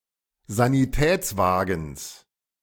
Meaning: genitive singular of Sanitätswagen
- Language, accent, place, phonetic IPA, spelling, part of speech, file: German, Germany, Berlin, [zaniˈtɛːt͡sˌvaːɡn̩s], Sanitätswagens, noun, De-Sanitätswagens.ogg